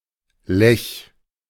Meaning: a river in Austria and Germany
- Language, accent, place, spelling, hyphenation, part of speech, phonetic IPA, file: German, Germany, Berlin, Lech, Lech, proper noun, [lɛç], De-Lech.ogg